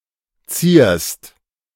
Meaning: second-person singular present of zieren
- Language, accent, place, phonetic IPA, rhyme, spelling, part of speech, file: German, Germany, Berlin, [t͡siːɐ̯st], -iːɐ̯st, zierst, verb, De-zierst.ogg